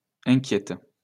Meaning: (adjective) feminine singular of inquiet; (verb) inflection of inquiéter: 1. first/third-person singular present indicative/subjunctive 2. second-person singular imperative
- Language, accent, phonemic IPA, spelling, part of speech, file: French, France, /ɛ̃.kjɛt/, inquiète, adjective / verb, LL-Q150 (fra)-inquiète.wav